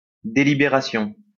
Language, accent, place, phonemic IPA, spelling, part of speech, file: French, France, Lyon, /de.li.be.ʁa.sjɔ̃/, délibération, noun, LL-Q150 (fra)-délibération.wav
- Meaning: 1. deliberation; contemplation 2. deliberation; discussion 3. deliberation (decision taken by a governing body)